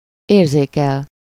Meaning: to perceive, feel, experience, sense
- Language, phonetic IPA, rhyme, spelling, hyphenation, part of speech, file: Hungarian, [ˈeːrzeːkɛl], -ɛl, érzékel, ér‧zé‧kel, verb, Hu-érzékel.ogg